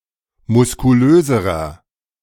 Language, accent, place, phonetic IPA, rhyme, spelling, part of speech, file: German, Germany, Berlin, [mʊskuˈløːzəʁɐ], -øːzəʁɐ, muskulöserer, adjective, De-muskulöserer.ogg
- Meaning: inflection of muskulös: 1. strong/mixed nominative masculine singular comparative degree 2. strong genitive/dative feminine singular comparative degree 3. strong genitive plural comparative degree